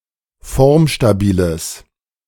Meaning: strong/mixed nominative/accusative neuter singular of formstabil
- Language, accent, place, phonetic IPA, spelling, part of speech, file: German, Germany, Berlin, [ˈfɔʁmʃtaˌbiːləs], formstabiles, adjective, De-formstabiles.ogg